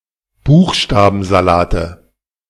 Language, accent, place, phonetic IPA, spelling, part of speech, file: German, Germany, Berlin, [ˈbuːxʃtaːbn̩zaˌlaːtə], Buchstabensalate, noun, De-Buchstabensalate.ogg
- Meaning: 1. nominative/accusative/genitive plural of Buchstabensalat 2. dative of Buchstabensalat